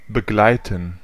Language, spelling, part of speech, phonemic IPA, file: German, begleiten, verb, /bəˈɡlaɪ̯tən/, De-begleiten.ogg
- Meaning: 1. to accompany 2. to conduct, escort